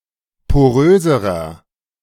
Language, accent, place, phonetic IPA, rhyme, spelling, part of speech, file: German, Germany, Berlin, [poˈʁøːzəʁɐ], -øːzəʁɐ, poröserer, adjective, De-poröserer.ogg
- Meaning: inflection of porös: 1. strong/mixed nominative masculine singular comparative degree 2. strong genitive/dative feminine singular comparative degree 3. strong genitive plural comparative degree